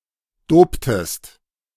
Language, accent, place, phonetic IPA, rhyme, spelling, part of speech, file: German, Germany, Berlin, [ˈdoːptəst], -oːptəst, doptest, verb, De-doptest.ogg
- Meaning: inflection of dopen: 1. second-person singular preterite 2. second-person singular subjunctive II